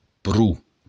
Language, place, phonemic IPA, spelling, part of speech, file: Occitan, Béarn, /pru/, pro, preposition, LL-Q14185 (oci)-pro.wav
- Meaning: 1. enough 2. quite